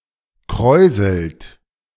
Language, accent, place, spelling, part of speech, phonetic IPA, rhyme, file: German, Germany, Berlin, kräuselt, verb, [ˈkʁɔɪ̯zl̩t], -ɔɪ̯zl̩t, De-kräuselt.ogg
- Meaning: inflection of kräuseln: 1. third-person singular present 2. second-person plural present 3. plural imperative